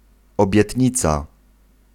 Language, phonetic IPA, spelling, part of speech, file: Polish, [ˌɔbʲjɛtʲˈɲit͡sa], obietnica, noun, Pl-obietnica.ogg